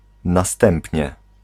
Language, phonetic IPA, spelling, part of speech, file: Polish, [naˈstɛ̃mpʲɲɛ], następnie, adverb, Pl-następnie.ogg